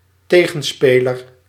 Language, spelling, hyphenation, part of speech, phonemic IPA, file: Dutch, tegenspeler, te‧gen‧spe‧ler, noun, /ˈteː.ɣə(n)ˌspeː.lər/, Nl-tegenspeler.ogg
- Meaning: 1. counterpart 2. opponent